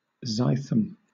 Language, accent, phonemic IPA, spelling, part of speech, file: English, Southern England, /ˈzaɪθəm/, zythum, noun, LL-Q1860 (eng)-zythum.wav
- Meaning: An unfermented kind of Egyptian malt beer